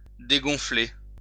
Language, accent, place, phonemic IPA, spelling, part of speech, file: French, France, Lyon, /de.ɡɔ̃.fle/, dégonfler, verb, LL-Q150 (fra)-dégonfler.wav
- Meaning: 1. to deflate 2. to deflate, go down 3. to chicken out